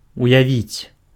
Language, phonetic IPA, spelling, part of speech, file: Belarusian, [ujaˈvʲit͡sʲ], уявіць, verb, Be-уявіць.ogg
- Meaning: 1. to imagine 2. to represent, to demonstrate